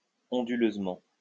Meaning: sinuously
- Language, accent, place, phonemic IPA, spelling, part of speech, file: French, France, Lyon, /ɔ̃.dy.løz.mɑ̃/, onduleusement, adverb, LL-Q150 (fra)-onduleusement.wav